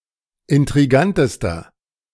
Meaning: inflection of intrigant: 1. strong/mixed nominative masculine singular superlative degree 2. strong genitive/dative feminine singular superlative degree 3. strong genitive plural superlative degree
- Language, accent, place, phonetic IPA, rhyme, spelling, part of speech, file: German, Germany, Berlin, [ɪntʁiˈɡantəstɐ], -antəstɐ, intrigantester, adjective, De-intrigantester.ogg